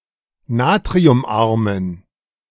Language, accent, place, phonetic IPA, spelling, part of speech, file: German, Germany, Berlin, [ˈnaːtʁiʊmˌʔaʁmən], natriumarmen, adjective, De-natriumarmen.ogg
- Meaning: inflection of natriumarm: 1. strong genitive masculine/neuter singular 2. weak/mixed genitive/dative all-gender singular 3. strong/weak/mixed accusative masculine singular 4. strong dative plural